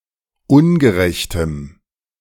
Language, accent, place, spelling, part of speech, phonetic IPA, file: German, Germany, Berlin, ungerechtem, adjective, [ˈʊnɡəˌʁɛçtəm], De-ungerechtem.ogg
- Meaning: strong dative masculine/neuter singular of ungerecht